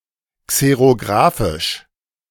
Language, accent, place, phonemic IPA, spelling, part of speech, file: German, Germany, Berlin, /ˌkseʁoˈɡʁaːfɪʃ/, xerografisch, adjective, De-xerografisch.ogg
- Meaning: alternative form of xerographisch